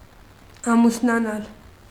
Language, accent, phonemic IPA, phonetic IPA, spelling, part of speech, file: Armenian, Eastern Armenian, /ɑmusnɑˈnɑl/, [ɑmusnɑnɑ́l], ամուսնանալ, verb, Hy-ամուսնանալ.ogg
- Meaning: to marry; to get married